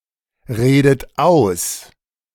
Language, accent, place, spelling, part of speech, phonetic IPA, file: German, Germany, Berlin, redet aus, verb, [ˌʁeːdət ˈaʊ̯s], De-redet aus.ogg
- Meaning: inflection of ausreden: 1. second-person plural present 2. second-person plural subjunctive I 3. third-person singular present 4. plural imperative